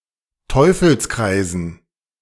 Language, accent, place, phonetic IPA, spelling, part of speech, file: German, Germany, Berlin, [ˈtɔɪ̯fl̩sˌkʁaɪ̯zn̩], Teufelskreisen, noun, De-Teufelskreisen.ogg
- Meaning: dative plural of Teufelskreis